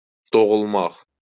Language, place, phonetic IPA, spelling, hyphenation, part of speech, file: Azerbaijani, Baku, [doɣuɫˈmɑχ], doğulmaq, do‧ğul‧maq, verb, LL-Q9292 (aze)-doğulmaq.wav
- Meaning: to be born, to be given birth